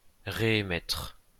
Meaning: to reemit
- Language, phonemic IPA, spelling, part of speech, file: French, /ʁe.e.mɛtʁ/, réémettre, verb, LL-Q150 (fra)-réémettre.wav